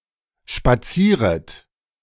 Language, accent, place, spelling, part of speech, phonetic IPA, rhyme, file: German, Germany, Berlin, spazieret, verb, [ʃpaˈt͡siːʁət], -iːʁət, De-spazieret.ogg
- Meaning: second-person plural subjunctive I of spazieren